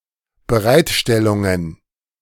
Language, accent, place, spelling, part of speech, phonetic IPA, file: German, Germany, Berlin, Bereitstellungen, noun, [bəˈʁaɪ̯tˌʃtɛlʊŋən], De-Bereitstellungen.ogg
- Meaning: plural of Bereitstellung